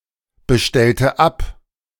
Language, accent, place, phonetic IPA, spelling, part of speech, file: German, Germany, Berlin, [bəˌʃtɛltə ˈap], bestellte ab, verb, De-bestellte ab.ogg
- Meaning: inflection of abbestellen: 1. first/third-person singular preterite 2. first/third-person singular subjunctive II